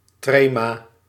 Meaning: diaeresis, trema
- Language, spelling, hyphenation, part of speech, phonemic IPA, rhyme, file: Dutch, trema, tre‧ma, noun, /ˈtreː.maː/, -eːmaː, Nl-trema.ogg